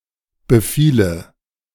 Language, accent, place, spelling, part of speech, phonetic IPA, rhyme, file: German, Germany, Berlin, befiele, verb, [bəˈfiːlə], -iːlə, De-befiele.ogg
- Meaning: first/third-person singular subjunctive II of befallen